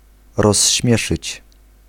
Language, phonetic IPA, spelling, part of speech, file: Polish, [rɔɕˈːmʲjɛʃɨt͡ɕ], rozśmieszyć, verb, Pl-rozśmieszyć.ogg